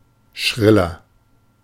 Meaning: 1. comparative degree of schrill 2. inflection of schrill: strong/mixed nominative masculine singular 3. inflection of schrill: strong genitive/dative feminine singular
- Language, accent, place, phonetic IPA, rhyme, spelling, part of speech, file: German, Germany, Berlin, [ˈʃʁɪlɐ], -ɪlɐ, schriller, adjective, De-schriller.ogg